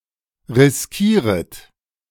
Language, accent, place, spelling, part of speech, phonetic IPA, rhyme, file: German, Germany, Berlin, riskieret, verb, [ʁɪsˈkiːʁət], -iːʁət, De-riskieret.ogg
- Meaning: second-person plural subjunctive I of riskieren